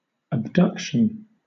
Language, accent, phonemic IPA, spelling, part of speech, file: English, Southern England, /əbˈdʌk.ʃn̩/, abduction, noun, LL-Q1860 (eng)-abduction.wav
- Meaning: 1. A leading away; a carrying away 2. The act of abducing or abducting; a drawing apart; the movement which separates a limb or other part from the axis, or middle line, of the body